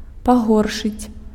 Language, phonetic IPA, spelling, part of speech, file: Belarusian, [paˈɣorʂɨt͡sʲ], пагоршыць, verb, Be-пагоршыць.ogg
- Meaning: to worsen, make something worse